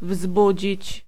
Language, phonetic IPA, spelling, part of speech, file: Polish, [ˈvzbud͡ʑit͡ɕ], wzbudzić, verb, Pl-wzbudzić.ogg